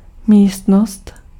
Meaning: room (separate part of a building, enclosed by walls, a floor and a ceiling)
- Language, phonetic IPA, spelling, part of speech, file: Czech, [ˈmiːstnost], místnost, noun, Cs-místnost.ogg